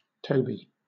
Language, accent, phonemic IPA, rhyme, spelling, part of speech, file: English, Southern England, /ˈtəʊbi/, -əʊbi, Toby, proper noun / noun, LL-Q1860 (eng)-Toby.wav
- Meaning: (proper noun) 1. A male given name from Hebrew 2. A female given name from Hebrew 3. A surname originating as a patronymic